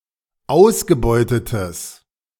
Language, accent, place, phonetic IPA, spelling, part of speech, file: German, Germany, Berlin, [ˈaʊ̯sɡəˌbɔɪ̯tətəs], ausgebeutetes, adjective, De-ausgebeutetes.ogg
- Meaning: strong/mixed nominative/accusative neuter singular of ausgebeutet